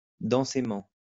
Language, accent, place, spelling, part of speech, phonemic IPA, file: French, France, Lyon, densément, adverb, /dɑ̃.se.mɑ̃/, LL-Q150 (fra)-densément.wav
- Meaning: densely